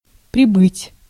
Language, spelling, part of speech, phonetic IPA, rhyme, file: Russian, прибыть, verb, [prʲɪˈbɨtʲ], -ɨtʲ, Ru-прибыть.ogg
- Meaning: 1. to arrive 2. to increase, to rise, to grow 3. to rise, to swell (water), to wax (moon)